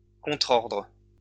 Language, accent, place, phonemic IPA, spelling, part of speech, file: French, France, Lyon, /kɔ̃.tʁɔʁdʁ/, contrordre, noun, LL-Q150 (fra)-contrordre.wav
- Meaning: counterorder, countermand